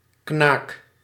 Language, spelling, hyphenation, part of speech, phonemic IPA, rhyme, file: Dutch, knaak, knaak, noun, /knaːk/, -aːk, Nl-knaak.ogg
- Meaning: 1. a 2½ guilders coin 2. a large, valuable coin